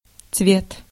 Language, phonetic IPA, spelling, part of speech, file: Russian, [t͡svʲet], цвет, noun, Ru-цвет.ogg
- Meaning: 1. color 2. blossom, bloom, flower 3. flower, cream, pick